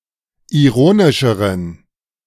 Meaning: inflection of ironisch: 1. strong genitive masculine/neuter singular comparative degree 2. weak/mixed genitive/dative all-gender singular comparative degree
- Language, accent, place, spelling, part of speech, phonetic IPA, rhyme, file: German, Germany, Berlin, ironischeren, adjective, [iˈʁoːnɪʃəʁən], -oːnɪʃəʁən, De-ironischeren.ogg